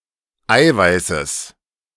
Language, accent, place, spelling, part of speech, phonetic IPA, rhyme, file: German, Germany, Berlin, Eiweißes, noun, [ˈaɪ̯vaɪ̯səs], -aɪ̯vaɪ̯səs, De-Eiweißes.ogg
- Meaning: genitive singular of Eiweiß